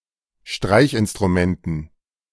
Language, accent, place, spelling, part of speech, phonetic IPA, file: German, Germany, Berlin, Streichinstrumenten, noun, [ˈʃtʁaɪ̯çʔɪnstʁuˌmɛntn̩], De-Streichinstrumenten.ogg
- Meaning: dative plural of Streichinstrument